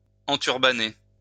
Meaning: to enturban
- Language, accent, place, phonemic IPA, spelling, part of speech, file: French, France, Lyon, /ɑ̃.tyʁ.ba.ne/, enturbanner, verb, LL-Q150 (fra)-enturbanner.wav